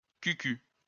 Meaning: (adjective) 1. corny, cheesy, tacky, twee 2. silly, ditzy, dopey; gullible, naive; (noun) bum, bottom, derriere
- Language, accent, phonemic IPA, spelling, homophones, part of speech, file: French, France, /ky.ky/, cucul, cul-cul / cucu, adjective / noun, LL-Q150 (fra)-cucul.wav